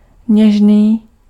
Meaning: tender (gentle)
- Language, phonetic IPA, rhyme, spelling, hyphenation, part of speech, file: Czech, [ˈɲɛʒniː], -ɛʒniː, něžný, něž‧ný, adjective, Cs-něžný.ogg